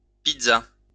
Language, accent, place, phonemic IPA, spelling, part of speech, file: French, France, Lyon, /pid.za/, pizza, noun, LL-Q150 (fra)-pizza.wav
- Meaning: pizza (Italian dish)